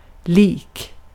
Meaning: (adjective) 1. looking like, resembling (in appearance or other characteristics) 2. alike, same (the same or similar); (noun) a corpse, a dead body
- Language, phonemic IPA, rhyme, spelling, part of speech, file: Swedish, /ˈliːk/, -iːk, lik, adjective / noun, Sv-lik.ogg